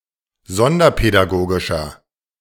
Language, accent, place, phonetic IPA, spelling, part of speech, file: German, Germany, Berlin, [ˈzɔndɐpɛdaˌɡoːɡɪʃɐ], sonderpädagogischer, adjective, De-sonderpädagogischer.ogg
- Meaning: inflection of sonderpädagogisch: 1. strong/mixed nominative masculine singular 2. strong genitive/dative feminine singular 3. strong genitive plural